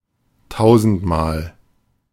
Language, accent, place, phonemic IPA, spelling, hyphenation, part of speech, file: German, Germany, Berlin, /ˈtaʊ̯zn̩tmaːl/, tausendmal, tau‧send‧mal, adverb, De-tausendmal.ogg
- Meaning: 1. a thousand times 2. countless times